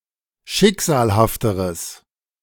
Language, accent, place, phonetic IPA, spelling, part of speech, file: German, Germany, Berlin, [ˈʃɪkz̥aːlhaftəʁəs], schicksalhafteres, adjective, De-schicksalhafteres.ogg
- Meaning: strong/mixed nominative/accusative neuter singular comparative degree of schicksalhaft